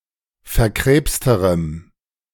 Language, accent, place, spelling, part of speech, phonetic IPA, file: German, Germany, Berlin, verkrebsterem, adjective, [fɛɐ̯ˈkʁeːpstəʁəm], De-verkrebsterem.ogg
- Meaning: strong dative masculine/neuter singular comparative degree of verkrebst